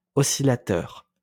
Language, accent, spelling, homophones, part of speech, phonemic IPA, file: French, France, oscillateur, oscillateurs, noun, /ɔ.si.la.tœʁ/, LL-Q150 (fra)-oscillateur.wav
- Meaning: oscillator